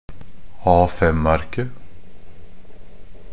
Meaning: definite singular of A5-ark
- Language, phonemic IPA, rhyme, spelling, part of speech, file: Norwegian Bokmål, /ˈɑːfɛmarkə/, -arkə, A5-arket, noun, NB - Pronunciation of Norwegian Bokmål «A5-arket».ogg